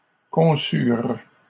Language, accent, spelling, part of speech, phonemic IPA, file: French, Canada, conçurent, verb, /kɔ̃.syʁ/, LL-Q150 (fra)-conçurent.wav
- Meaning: third-person plural past historic of concevoir